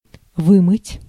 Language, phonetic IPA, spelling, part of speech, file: Russian, [ˈvɨmɨtʲ], вымыть, verb, Ru-вымыть.ogg
- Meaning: to wash, to wash out, to wash up, to wash away, to eluate